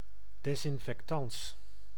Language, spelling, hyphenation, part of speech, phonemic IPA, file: Dutch, desinfectans, des‧in‧fec‧tans, noun, /ˌdɛs.ɪn.fɛk.tɑns/, Nl-desinfectans.ogg
- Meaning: disinfectant, antiseptic (antiseptic agent)